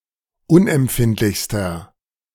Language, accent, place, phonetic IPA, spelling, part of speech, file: German, Germany, Berlin, [ˈʊnʔɛmˌpfɪntlɪçstɐ], unempfindlichster, adjective, De-unempfindlichster.ogg
- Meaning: inflection of unempfindlich: 1. strong/mixed nominative masculine singular superlative degree 2. strong genitive/dative feminine singular superlative degree